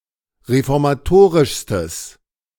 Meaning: strong/mixed nominative/accusative neuter singular superlative degree of reformatorisch
- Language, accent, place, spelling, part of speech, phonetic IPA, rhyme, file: German, Germany, Berlin, reformatorischstes, adjective, [ʁefɔʁmaˈtoːʁɪʃstəs], -oːʁɪʃstəs, De-reformatorischstes.ogg